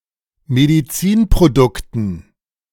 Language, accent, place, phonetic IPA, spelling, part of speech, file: German, Germany, Berlin, [mediˈt͡siːnpʁoˌdʊktn̩], Medizinprodukten, noun, De-Medizinprodukten.ogg
- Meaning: dative plural of Medizinprodukt